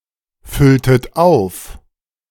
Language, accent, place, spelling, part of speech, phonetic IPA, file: German, Germany, Berlin, fülltet auf, verb, [ˌfʏltət ˈaʊ̯f], De-fülltet auf.ogg
- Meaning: inflection of auffüllen: 1. second-person plural preterite 2. second-person plural subjunctive II